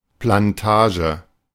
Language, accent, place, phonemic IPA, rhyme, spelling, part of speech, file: German, Germany, Berlin, /planˈtaː.ʒə/, -aːʒə, Plantage, noun, De-Plantage.ogg
- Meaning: plantation